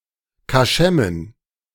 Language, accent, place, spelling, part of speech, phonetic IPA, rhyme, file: German, Germany, Berlin, Kaschemmen, noun, [kaˈʃɛmən], -ɛmən, De-Kaschemmen.ogg
- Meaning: plural of Kaschemme